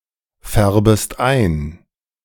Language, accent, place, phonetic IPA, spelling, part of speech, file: German, Germany, Berlin, [ˌfɛʁbəst ˈaɪ̯n], färbest ein, verb, De-färbest ein.ogg
- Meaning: second-person singular subjunctive I of einfärben